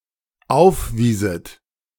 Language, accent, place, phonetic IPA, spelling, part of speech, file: German, Germany, Berlin, [ˈaʊ̯fˌviːzət], aufwieset, verb, De-aufwieset.ogg
- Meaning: second-person plural dependent subjunctive II of aufweisen